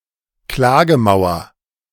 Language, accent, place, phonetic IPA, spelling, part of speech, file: German, Germany, Berlin, [ˈklaːɡəˌmaʊ̯ɐ], Klagemauer, noun, De-Klagemauer.ogg
- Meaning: Wailing Wall, Western Wall, Kotel in Jerusalem